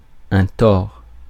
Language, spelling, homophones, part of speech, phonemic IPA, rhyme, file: French, tort, Thor / tord / tords / tore / tores / tors / torts, noun, /tɔʁ/, -ɔʁ, Fr-tort.ogg
- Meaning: 1. fault 2. wrong, error